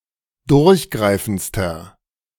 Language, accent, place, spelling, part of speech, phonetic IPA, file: German, Germany, Berlin, durchgreifendster, adjective, [ˈdʊʁçˌɡʁaɪ̯fn̩t͡stɐ], De-durchgreifendster.ogg
- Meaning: inflection of durchgreifend: 1. strong/mixed nominative masculine singular superlative degree 2. strong genitive/dative feminine singular superlative degree